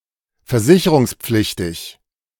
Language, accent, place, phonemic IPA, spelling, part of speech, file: German, Germany, Berlin, /fɛɐ̯ˈzɪçəʁʊŋsˌpflɪçtɪç/, versicherungspflichtig, adjective, De-versicherungspflichtig.ogg
- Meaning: obligatorily insured